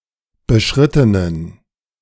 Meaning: inflection of beschritten: 1. strong genitive masculine/neuter singular 2. weak/mixed genitive/dative all-gender singular 3. strong/weak/mixed accusative masculine singular 4. strong dative plural
- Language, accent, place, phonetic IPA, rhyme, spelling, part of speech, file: German, Germany, Berlin, [bəˈʃʁɪtənən], -ɪtənən, beschrittenen, adjective, De-beschrittenen.ogg